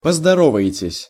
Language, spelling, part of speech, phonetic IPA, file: Russian, поздороваетесь, verb, [pəzdɐˈrovə(j)ɪtʲɪsʲ], Ru-поздороваетесь.ogg
- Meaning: second-person plural future indicative perfective of поздоро́ваться (pozdoróvatʹsja)